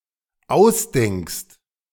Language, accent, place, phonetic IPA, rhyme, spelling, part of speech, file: German, Germany, Berlin, [ˈaʊ̯sˌdɛŋkst], -aʊ̯sdɛŋkst, ausdenkst, verb, De-ausdenkst.ogg
- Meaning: second-person singular dependent present of ausdenken